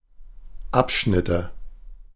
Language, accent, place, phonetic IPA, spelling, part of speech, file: German, Germany, Berlin, [ˈapˌʃnɪtə], Abschnitte, noun, De-Abschnitte.ogg
- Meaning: nominative/accusative/genitive plural of Abschnitt